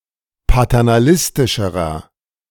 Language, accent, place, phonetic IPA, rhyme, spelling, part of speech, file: German, Germany, Berlin, [patɛʁnaˈlɪstɪʃəʁɐ], -ɪstɪʃəʁɐ, paternalistischerer, adjective, De-paternalistischerer.ogg
- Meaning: inflection of paternalistisch: 1. strong/mixed nominative masculine singular comparative degree 2. strong genitive/dative feminine singular comparative degree